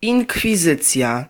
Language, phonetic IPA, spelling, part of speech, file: Polish, [ˌĩŋkfʲiˈzɨt͡sʲja], inkwizycja, noun, Pl-inkwizycja.ogg